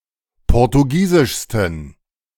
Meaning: 1. superlative degree of portugiesisch 2. inflection of portugiesisch: strong genitive masculine/neuter singular superlative degree
- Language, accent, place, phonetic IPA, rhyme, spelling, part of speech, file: German, Germany, Berlin, [ˌpɔʁtuˈɡiːzɪʃstn̩], -iːzɪʃstn̩, portugiesischsten, adjective, De-portugiesischsten.ogg